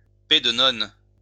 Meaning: nun's puff (a small choux pastry eaten during carnival season in France (especially Alsace) and Belgium)
- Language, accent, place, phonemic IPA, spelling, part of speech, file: French, France, Lyon, /pɛ.d(ə).nɔn/, pet-de-nonne, noun, LL-Q150 (fra)-pet-de-nonne.wav